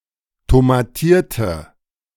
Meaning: inflection of tomatiert: 1. strong/mixed nominative/accusative feminine singular 2. strong nominative/accusative plural 3. weak nominative all-gender singular
- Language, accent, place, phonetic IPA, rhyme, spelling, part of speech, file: German, Germany, Berlin, [tomaˈtiːɐ̯tə], -iːɐ̯tə, tomatierte, adjective / verb, De-tomatierte.ogg